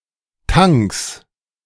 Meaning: 1. genitive singular of Tank 2. plural of Tank
- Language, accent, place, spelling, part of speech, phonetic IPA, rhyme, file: German, Germany, Berlin, Tanks, noun, [taŋks], -aŋks, De-Tanks.ogg